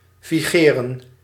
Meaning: 1. to be in force, to be valid, to be current 2. to be influential, to dominate
- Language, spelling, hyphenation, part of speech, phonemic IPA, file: Dutch, vigeren, vi‧ge‧ren, verb, /ˌviˈɣeː.rə(n)/, Nl-vigeren.ogg